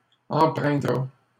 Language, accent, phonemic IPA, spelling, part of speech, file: French, Canada, /ɑ̃.pʁɛ̃.dʁa/, empreindra, verb, LL-Q150 (fra)-empreindra.wav
- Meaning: third-person singular simple future of empreindre